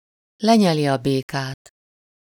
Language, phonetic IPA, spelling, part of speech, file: Hungarian, [ˈlɛɲɛli ɒ ˈbeːkaːt], lenyeli a békát, verb, Hu-lenyeli a békát.ogg
- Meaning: to swallow a bitter pill, bite the bullet (to accept or endure an unpleasant reality)